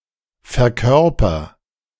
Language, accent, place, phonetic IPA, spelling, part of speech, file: German, Germany, Berlin, [fɛɐ̯ˈkœʁpɐ], verkörper, verb, De-verkörper.ogg
- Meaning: inflection of verkörpern: 1. first-person singular present 2. singular imperative